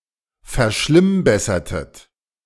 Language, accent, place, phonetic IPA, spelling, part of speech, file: German, Germany, Berlin, [fɛɐ̯ˈʃlɪmˌbɛsɐtət], verschlimmbessertet, verb, De-verschlimmbessertet.ogg
- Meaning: inflection of verschlimmbessern: 1. second-person plural preterite 2. second-person plural subjunctive II